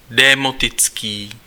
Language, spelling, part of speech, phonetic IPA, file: Czech, démotický, adjective, [ˈdɛːmotɪt͡skiː], Cs-démotický.ogg
- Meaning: demotic